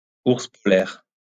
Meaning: polar bear
- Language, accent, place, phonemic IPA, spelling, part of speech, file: French, France, Lyon, /uʁs pɔ.lɛʁ/, ours polaire, noun, LL-Q150 (fra)-ours polaire.wav